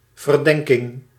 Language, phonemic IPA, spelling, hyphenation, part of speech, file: Dutch, /vərˈdɛŋ.kɪŋ/, verdenking, ver‧den‧king, noun, Nl-verdenking.ogg
- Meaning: suspicion